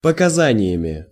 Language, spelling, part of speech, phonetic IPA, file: Russian, показаниями, noun, [pəkɐˈzanʲɪjəmʲɪ], Ru-показаниями.ogg
- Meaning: instrumental plural of показа́ние (pokazánije)